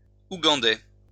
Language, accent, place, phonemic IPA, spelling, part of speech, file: French, France, Lyon, /u.ɡɑ̃.dɛ/, ougandais, adjective, LL-Q150 (fra)-ougandais.wav
- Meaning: Ugandan